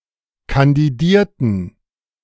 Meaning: inflection of kandidieren: 1. first/third-person plural preterite 2. first/third-person plural subjunctive II
- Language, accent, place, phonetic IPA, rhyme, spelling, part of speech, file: German, Germany, Berlin, [kandiˈdiːɐ̯tn̩], -iːɐ̯tn̩, kandidierten, verb, De-kandidierten.ogg